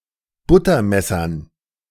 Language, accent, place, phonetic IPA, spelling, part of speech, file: German, Germany, Berlin, [ˈbʊtɐˌmɛsɐn], Buttermessern, noun, De-Buttermessern.ogg
- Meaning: dative plural of Buttermesser